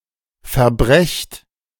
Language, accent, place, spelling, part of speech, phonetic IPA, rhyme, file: German, Germany, Berlin, verbrecht, verb, [fɛɐ̯ˈbʁɛçt], -ɛçt, De-verbrecht.ogg
- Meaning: inflection of verbrechen: 1. second-person plural present 2. plural imperative